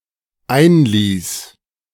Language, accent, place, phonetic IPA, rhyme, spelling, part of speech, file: German, Germany, Berlin, [ˈaɪ̯nˌliːs], -aɪ̯nliːs, einließ, verb, De-einließ.ogg
- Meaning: first/third-person singular dependent preterite of einlassen